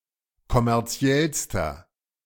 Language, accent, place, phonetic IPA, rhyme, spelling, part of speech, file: German, Germany, Berlin, [kɔmɛʁˈt͡si̯ɛlstɐ], -ɛlstɐ, kommerziellster, adjective, De-kommerziellster.ogg
- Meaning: inflection of kommerziell: 1. strong/mixed nominative masculine singular superlative degree 2. strong genitive/dative feminine singular superlative degree 3. strong genitive plural superlative degree